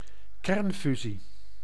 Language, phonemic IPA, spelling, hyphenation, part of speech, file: Dutch, /ˈkɛrnˌfy.zi/, kernfusie, kern‧fu‧sie, noun, Nl-kernfusie.ogg
- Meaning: nuclear fusion